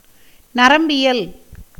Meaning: neurology
- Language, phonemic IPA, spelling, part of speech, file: Tamil, /nɐɾɐmbɪjɐl/, நரம்பியல், noun, Ta-நரம்பியல்.ogg